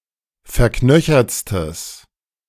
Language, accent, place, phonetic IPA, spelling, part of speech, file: German, Germany, Berlin, [fɛɐ̯ˈknœçɐt͡stəs], verknöchertstes, adjective, De-verknöchertstes.ogg
- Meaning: strong/mixed nominative/accusative neuter singular superlative degree of verknöchert